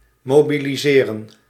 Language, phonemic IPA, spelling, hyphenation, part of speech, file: Dutch, /ˌmoː.bi.liˈzeː.rə(n)/, mobiliseren, mo‧bi‧li‧se‧ren, verb, Nl-mobiliseren.ogg
- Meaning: to mobilize